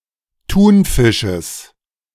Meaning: genitive singular of Thunfisch
- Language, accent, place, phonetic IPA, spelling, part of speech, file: German, Germany, Berlin, [ˈtuːnˌfɪʃəs], Thunfisches, noun, De-Thunfisches.ogg